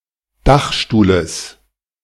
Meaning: genitive of Dachstuhl
- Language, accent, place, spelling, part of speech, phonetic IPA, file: German, Germany, Berlin, Dachstuhles, noun, [ˈdaxʃtuːləs], De-Dachstuhles.ogg